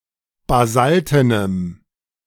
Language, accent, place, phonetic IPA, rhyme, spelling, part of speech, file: German, Germany, Berlin, [baˈzaltənəm], -altənəm, basaltenem, adjective, De-basaltenem.ogg
- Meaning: strong dative masculine/neuter singular of basalten